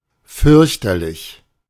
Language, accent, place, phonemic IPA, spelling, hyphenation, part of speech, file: German, Germany, Berlin, /ˈfʏʁçtɐlɪç/, fürchterlich, fürch‧ter‧lich, adjective / adverb, De-fürchterlich.ogg
- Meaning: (adjective) frightening; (adverb) terribly, awfully